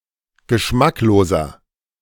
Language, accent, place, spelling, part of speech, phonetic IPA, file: German, Germany, Berlin, geschmackloser, adjective, [ɡəˈʃmakloːzɐ], De-geschmackloser.ogg
- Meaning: 1. comparative degree of geschmacklos 2. inflection of geschmacklos: strong/mixed nominative masculine singular 3. inflection of geschmacklos: strong genitive/dative feminine singular